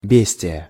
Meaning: rogue, mischievous person, scoundrel
- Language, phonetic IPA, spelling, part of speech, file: Russian, [ˈbʲesʲtʲɪjə], бестия, noun, Ru-бестия.ogg